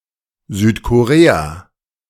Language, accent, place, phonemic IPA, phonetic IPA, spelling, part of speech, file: German, Germany, Berlin, /zyːtkoʁeːa/, [zyːtʰkʰoʁeːa], Südkorea, proper noun, De-Südkorea.ogg
- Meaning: South Korea (a country in East Asia)